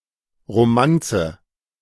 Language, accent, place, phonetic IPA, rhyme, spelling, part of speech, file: German, Germany, Berlin, [ʁoˈmant͡sə], -ant͡sə, Romanze, noun, De-Romanze.ogg
- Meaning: romance